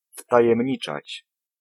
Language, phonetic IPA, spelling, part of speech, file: Polish, [ˌftajɛ̃mʲˈɲit͡ʃat͡ɕ], wtajemniczać, verb, Pl-wtajemniczać.ogg